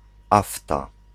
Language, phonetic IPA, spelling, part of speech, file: Polish, [ˈafta], afta, noun, Pl-afta.ogg